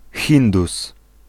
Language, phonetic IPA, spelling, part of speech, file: Polish, [ˈxʲĩndus], Hindus, noun, Pl-Hindus.ogg